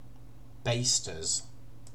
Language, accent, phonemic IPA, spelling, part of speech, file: English, UK, /ˈbeɪstəz/, basters, noun, En-uk-basters.ogg
- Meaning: plural of baster